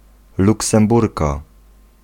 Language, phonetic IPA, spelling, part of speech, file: Polish, [ˌluksɛ̃mˈburka], luksemburka, noun, Pl-luksemburka.ogg